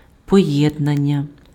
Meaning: 1. combination 2. agreement
- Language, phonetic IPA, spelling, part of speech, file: Ukrainian, [pɔjedˈnanʲːɐ], поєднання, noun, Uk-поєднання.ogg